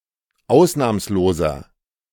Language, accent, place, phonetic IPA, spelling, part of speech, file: German, Germany, Berlin, [ˈaʊ̯snaːmsloːzɐ], ausnahmsloser, adjective, De-ausnahmsloser.ogg
- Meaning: inflection of ausnahmslos: 1. strong/mixed nominative masculine singular 2. strong genitive/dative feminine singular 3. strong genitive plural